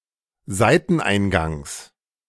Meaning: genitive of Seiteneingang
- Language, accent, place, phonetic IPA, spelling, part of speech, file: German, Germany, Berlin, [ˈzaɪ̯tn̩ˌʔaɪ̯nɡaŋs], Seiteneingangs, noun, De-Seiteneingangs.ogg